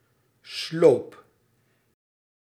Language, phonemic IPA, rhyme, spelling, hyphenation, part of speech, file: Dutch, /sloːp/, -oːp, sloop, sloop, noun / verb, Nl-sloop.ogg
- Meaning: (noun) 1. pillowcase, pillowslip 2. demolition; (verb) 1. singular past indicative of sluipen 2. inflection of slopen: first-person singular present indicative